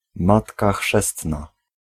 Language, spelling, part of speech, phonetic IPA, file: Polish, matka chrzestna, noun, [ˈmatka ˈxʃɛstna], Pl-matka chrzestna.ogg